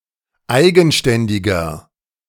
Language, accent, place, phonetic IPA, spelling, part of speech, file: German, Germany, Berlin, [ˈaɪ̯ɡn̩ˌʃtɛndɪɡɐ], eigenständiger, adjective, De-eigenständiger.ogg
- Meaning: 1. comparative degree of eigenständig 2. inflection of eigenständig: strong/mixed nominative masculine singular 3. inflection of eigenständig: strong genitive/dative feminine singular